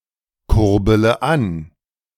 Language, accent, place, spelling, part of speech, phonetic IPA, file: German, Germany, Berlin, kurbele an, verb, [ˌkʊʁbələ ˈan], De-kurbele an.ogg
- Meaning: inflection of ankurbeln: 1. first-person singular present 2. first-person plural subjunctive I 3. third-person singular subjunctive I 4. singular imperative